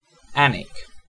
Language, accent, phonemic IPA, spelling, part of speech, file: English, UK, /ˈænɪk/, Alnwick, proper noun, En-uk-Alnwick.ogg
- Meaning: A town and civil parish with a town council in and the county town of Northumberland, England (OS grid ref NU1813)